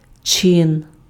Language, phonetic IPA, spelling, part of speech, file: Ukrainian, [t͡ʃɪn], чин, noun, Uk-чин.ogg
- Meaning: 1. rank, grade 2. A person holding a specific rank or official position, almost exclusively referring to people within the clergy 3. action, activity, operation, work 4. way, means